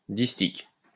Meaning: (adjective) 1. distichous (arranged in two rows on each side of an axis) 2. having two rows of facets around each base
- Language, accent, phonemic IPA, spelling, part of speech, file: French, France, /dis.tik/, distique, adjective / noun, LL-Q150 (fra)-distique.wav